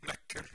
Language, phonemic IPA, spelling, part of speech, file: Norwegian Bokmål, /²nœkːəl/, nøkkel, noun, No-nøkkel.ogg
- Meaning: 1. a key 2. a spanner (UK) or wrench (US)